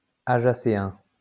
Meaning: rare form of ajaccien
- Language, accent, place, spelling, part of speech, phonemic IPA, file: French, France, Lyon, ajacéen, adjective, /a.ʒa.se.ɛ̃/, LL-Q150 (fra)-ajacéen.wav